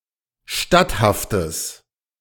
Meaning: strong/mixed nominative/accusative neuter singular of statthaft
- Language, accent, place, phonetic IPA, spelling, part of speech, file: German, Germany, Berlin, [ˈʃtathaftəs], statthaftes, adjective, De-statthaftes.ogg